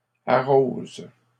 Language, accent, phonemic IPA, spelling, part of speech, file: French, Canada, /a.ʁoz/, arrose, verb, LL-Q150 (fra)-arrose.wav
- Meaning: inflection of arroser: 1. first/third-person singular present indicative/subjunctive 2. second-person singular imperative